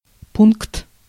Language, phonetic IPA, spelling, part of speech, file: Russian, [punkt], пункт, noun, Ru-пункт.ogg
- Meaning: 1. point 2. point, station 3. paragraph, item